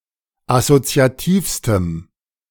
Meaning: strong dative masculine/neuter singular superlative degree of assoziativ
- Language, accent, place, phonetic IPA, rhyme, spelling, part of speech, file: German, Germany, Berlin, [asot͡si̯aˈtiːfstəm], -iːfstəm, assoziativstem, adjective, De-assoziativstem.ogg